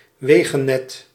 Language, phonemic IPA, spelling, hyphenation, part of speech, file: Dutch, /ˈʋeː.ɣəˌnɛt/, wegennet, we‧gen‧net, noun, Nl-wegennet.ogg
- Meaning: road network